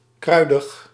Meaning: spicy, with pronounced vegetal aroma
- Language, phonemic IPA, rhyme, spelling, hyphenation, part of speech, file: Dutch, /ˈkrœy̯.dəx/, -œy̯dəx, kruidig, krui‧dig, adjective, Nl-kruidig.ogg